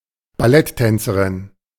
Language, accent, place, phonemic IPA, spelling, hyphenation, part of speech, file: German, Germany, Berlin, /baˈlɛtˌtɛnt͡səʁɪn/, Balletttänzerin, Bal‧lett‧tän‧ze‧rin, noun, De-Balletttänzerin.ogg
- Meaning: female ballet dancer